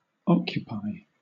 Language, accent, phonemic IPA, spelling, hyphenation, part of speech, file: English, Southern England, /ˈɒkjʊpaɪ/, occupy, oc‧cu‧py, verb, LL-Q1860 (eng)-occupy.wav
- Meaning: To take or use.: 1. To fill 2. To possess or use the time or capacity of; to engage the service of 3. To fill or hold (an official position or role) 4. To hold the attention of